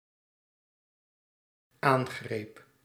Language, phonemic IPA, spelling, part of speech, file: Dutch, /ˈaŋɣrep/, aangreep, verb, Nl-aangreep.ogg
- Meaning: singular dependent-clause past indicative of aangrijpen